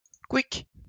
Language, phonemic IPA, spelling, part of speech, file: French, /kwik/, couic, interjection, LL-Q150 (fra)-couic.wav
- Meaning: (to express sudden death or destruction)